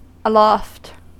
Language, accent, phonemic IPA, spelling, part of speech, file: English, US, /əˈlɔft/, aloft, adverb, En-us-aloft.ogg
- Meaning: 1. At, to, or in the air or sky 2. Above, overhead, in a high place; up 3. In the top, at the masthead, or on the higher yards or rigging